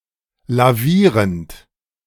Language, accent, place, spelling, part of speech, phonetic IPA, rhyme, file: German, Germany, Berlin, lavierend, verb, [laˈviːʁənt], -iːʁənt, De-lavierend.ogg
- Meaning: present participle of lavieren